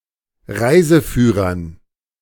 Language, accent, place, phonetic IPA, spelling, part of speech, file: German, Germany, Berlin, [ˈʁaɪ̯zəˌfyːʁɐn], Reiseführern, noun, De-Reiseführern.ogg
- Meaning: dative plural of Reiseführer